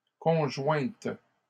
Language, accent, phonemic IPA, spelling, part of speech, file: French, Canada, /kɔ̃.ʒwɛ̃t/, conjointes, adjective / noun, LL-Q150 (fra)-conjointes.wav
- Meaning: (adjective) feminine plural of conjoint; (noun) plural of conjoint